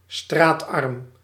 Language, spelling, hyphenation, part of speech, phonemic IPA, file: Dutch, straatarm, straat‧arm, adjective, /straːtˈɑrm/, Nl-straatarm.ogg
- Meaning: dirt-poor